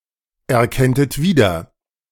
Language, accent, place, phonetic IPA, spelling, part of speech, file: German, Germany, Berlin, [ɛɐ̯ˌkɛntət ˈviːdɐ], erkenntet wieder, verb, De-erkenntet wieder.ogg
- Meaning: second-person plural subjunctive II of wiedererkennen